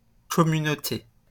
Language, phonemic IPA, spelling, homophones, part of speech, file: French, /kɔ.my.no.te/, communauté, communautés, noun, LL-Q150 (fra)-communauté.wav
- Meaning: 1. community 2. commonwealth 3. one of the European Communities 4. one of the three linguistic communities making up the country (French-, Flemish-, and German-speaking)